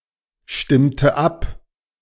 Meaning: inflection of abstimmen: 1. first/third-person singular preterite 2. first/third-person singular subjunctive II
- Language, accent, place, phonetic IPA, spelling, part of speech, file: German, Germany, Berlin, [ˌʃtɪmtə ˈap], stimmte ab, verb, De-stimmte ab.ogg